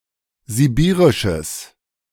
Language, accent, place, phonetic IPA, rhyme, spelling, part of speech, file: German, Germany, Berlin, [ziˈbiːʁɪʃəs], -iːʁɪʃəs, sibirisches, adjective, De-sibirisches.ogg
- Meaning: strong/mixed nominative/accusative neuter singular of sibirisch